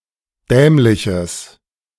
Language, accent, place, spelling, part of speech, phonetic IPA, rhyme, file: German, Germany, Berlin, dämliches, adjective, [ˈdɛːmlɪçəs], -ɛːmlɪçəs, De-dämliches.ogg
- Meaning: strong/mixed nominative/accusative neuter singular of dämlich